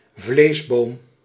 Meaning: 1. beam for hanging an animal carcass to be butchered 2. uterine fibroid, uterine myoma; (now uncommon) any myoma
- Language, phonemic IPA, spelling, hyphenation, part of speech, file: Dutch, /ˈvleːs.boːm/, vleesboom, vlees‧boom, noun, Nl-vleesboom.ogg